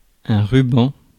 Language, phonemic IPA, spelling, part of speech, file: French, /ʁy.bɑ̃/, ruban, noun, Fr-ruban.ogg
- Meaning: 1. band, stripe 2. ribbon